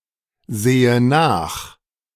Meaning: inflection of nachsehen: 1. first-person singular present 2. first/third-person singular subjunctive I
- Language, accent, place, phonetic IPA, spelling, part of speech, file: German, Germany, Berlin, [ˌzeːə ˈnaːx], sehe nach, verb, De-sehe nach.ogg